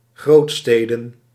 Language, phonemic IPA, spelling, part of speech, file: Dutch, /ˈɣrotstedə(n)/, grootsteden, noun, Nl-grootsteden.ogg
- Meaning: plural of grootstad